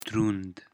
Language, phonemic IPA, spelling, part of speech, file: Pashto, /d̪ruŋd̪/, دروند, adjective, دروند.ogg
- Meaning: 1. heavy 2. honorable 3. haunted